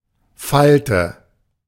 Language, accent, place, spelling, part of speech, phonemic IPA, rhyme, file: German, Germany, Berlin, Falte, noun, /ˈfaltə/, -altə, De-Falte.ogg
- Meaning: 1. fold 2. wrinkle